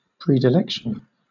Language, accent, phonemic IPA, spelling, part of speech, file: English, Southern England, /ˌpɹiː.dəˈlɛk.ʃn̩/, predilection, noun, LL-Q1860 (eng)-predilection.wav
- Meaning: A condition of favoring or liking; a tendency towards; proclivity; predisposition